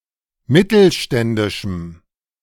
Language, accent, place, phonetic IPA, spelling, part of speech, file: German, Germany, Berlin, [ˈmɪtl̩ˌʃtɛndɪʃm̩], mittelständischem, adjective, De-mittelständischem.ogg
- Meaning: strong dative masculine/neuter singular of mittelständisch